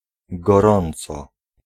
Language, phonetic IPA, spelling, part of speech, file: Polish, [ɡɔˈrɔ̃nt͡sɔ], gorąco, noun / adverb, Pl-gorąco.ogg